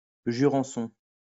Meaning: a white wine from the south-west of France
- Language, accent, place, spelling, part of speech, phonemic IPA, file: French, France, Lyon, jurançon, noun, /ʒy.ʁɑ̃.sɔ̃/, LL-Q150 (fra)-jurançon.wav